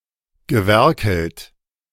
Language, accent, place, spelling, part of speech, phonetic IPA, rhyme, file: German, Germany, Berlin, gewerkelt, verb, [ɡəˈvɛʁkl̩t], -ɛʁkl̩t, De-gewerkelt.ogg
- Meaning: past participle of werkeln